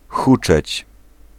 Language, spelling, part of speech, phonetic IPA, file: Polish, huczeć, verb, [ˈxut͡ʃɛt͡ɕ], Pl-huczeć.ogg